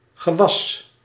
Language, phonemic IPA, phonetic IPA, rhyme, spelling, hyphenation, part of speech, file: Dutch, /ɣəˈʋɑs/, [ɣəˈβ̞äs̪], -ɑs, gewas, ge‧was, noun, Nl-gewas.ogg
- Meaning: 1. crop 2. plant, vegetation